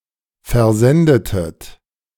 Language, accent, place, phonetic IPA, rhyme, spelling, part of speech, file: German, Germany, Berlin, [fɛɐ̯ˈzɛndətət], -ɛndətət, versendetet, verb, De-versendetet.ogg
- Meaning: inflection of versenden: 1. second-person plural preterite 2. second-person plural subjunctive II